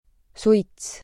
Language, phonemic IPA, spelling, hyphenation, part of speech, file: Estonian, /ˈsui̯ts/, suits, suits, noun, Et-suits.ogg
- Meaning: smoke: 1. The floating mixture of gases, air, and particulates given off by the combustion or smoldering of something 2. household, farmstead, family 3. cigarette, smoke